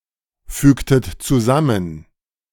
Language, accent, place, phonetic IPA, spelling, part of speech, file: German, Germany, Berlin, [ˌfyːktət t͡suˈzamən], fügtet zusammen, verb, De-fügtet zusammen.ogg
- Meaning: inflection of zusammenfügen: 1. second-person plural preterite 2. second-person plural subjunctive II